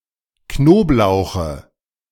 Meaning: dative singular of Knoblauch
- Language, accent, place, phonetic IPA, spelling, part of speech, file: German, Germany, Berlin, [ˈknoːpˌlaʊ̯xə], Knoblauche, noun, De-Knoblauche.ogg